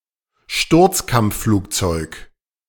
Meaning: 1. a dive bomber 2. a Ju-87 Stuka
- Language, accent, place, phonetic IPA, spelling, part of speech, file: German, Germany, Berlin, [ˈʃtʊʁt͡skamp͡fˌfluːkt͡sɔɪ̯k], Sturzkampfflugzeug, noun, De-Sturzkampfflugzeug.ogg